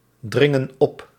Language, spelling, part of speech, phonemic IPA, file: Dutch, dringen op, verb, /ˈdrɪŋə(n) ˈɔp/, Nl-dringen op.ogg
- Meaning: inflection of opdringen: 1. plural present indicative 2. plural present subjunctive